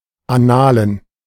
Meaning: annals
- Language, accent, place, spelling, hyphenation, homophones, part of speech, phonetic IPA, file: German, Germany, Berlin, Annalen, An‧na‧len, analen, noun, [aˈnaːlən], De-Annalen.ogg